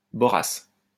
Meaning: borassus palm, palmyra palm (Borassus flabellifer)
- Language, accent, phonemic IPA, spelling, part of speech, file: French, France, /bɔ.ʁas/, borasse, noun, LL-Q150 (fra)-borasse.wav